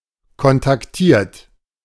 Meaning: 1. past participle of kontaktieren 2. inflection of kontaktieren: third-person singular present 3. inflection of kontaktieren: second-person plural present
- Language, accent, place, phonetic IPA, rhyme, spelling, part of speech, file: German, Germany, Berlin, [kɔntakˈtiːɐ̯t], -iːɐ̯t, kontaktiert, verb, De-kontaktiert.ogg